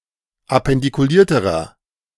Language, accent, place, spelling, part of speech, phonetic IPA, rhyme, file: German, Germany, Berlin, appendikulierterer, adjective, [apɛndikuˈliːɐ̯təʁɐ], -iːɐ̯təʁɐ, De-appendikulierterer.ogg
- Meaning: inflection of appendikuliert: 1. strong/mixed nominative masculine singular comparative degree 2. strong genitive/dative feminine singular comparative degree